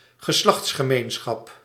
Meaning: sexual intercourse
- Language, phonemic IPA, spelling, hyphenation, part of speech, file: Dutch, /ɣəˈslɑxts.xəˌmeːn.sxɑp/, geslachtsgemeenschap, ge‧slachts‧ge‧meen‧schap, noun, Nl-geslachtsgemeenschap.ogg